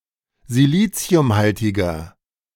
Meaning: inflection of siliciumhaltig: 1. strong/mixed nominative masculine singular 2. strong genitive/dative feminine singular 3. strong genitive plural
- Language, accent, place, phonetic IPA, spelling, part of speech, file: German, Germany, Berlin, [ziˈliːt͡si̯ʊmˌhaltɪɡɐ], siliciumhaltiger, adjective, De-siliciumhaltiger.ogg